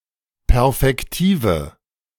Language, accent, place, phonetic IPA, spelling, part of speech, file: German, Germany, Berlin, [ˈpɛʁfɛktiːvə], perfektive, adjective, De-perfektive.ogg
- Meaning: inflection of perfektiv: 1. strong/mixed nominative/accusative feminine singular 2. strong nominative/accusative plural 3. weak nominative all-gender singular